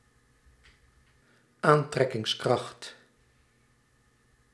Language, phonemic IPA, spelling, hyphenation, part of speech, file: Dutch, /ˈaːn.trɛ.kɪŋsˌkrɑxt/, aantrekkingskracht, aan‧trek‧kings‧kracht, noun, Nl-aantrekkingskracht.ogg
- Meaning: 1. force of attraction, attractive force 2. draw, pull, capacity to attract or draw in